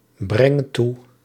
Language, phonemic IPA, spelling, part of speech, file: Dutch, /ˈbrɛŋ ˈtu/, breng toe, verb, Nl-breng toe.ogg
- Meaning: inflection of toebrengen: 1. first-person singular present indicative 2. second-person singular present indicative 3. imperative